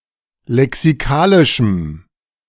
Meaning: strong dative masculine/neuter singular of lexikalisch
- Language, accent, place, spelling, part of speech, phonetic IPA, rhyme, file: German, Germany, Berlin, lexikalischem, adjective, [lɛksiˈkaːlɪʃm̩], -aːlɪʃm̩, De-lexikalischem.ogg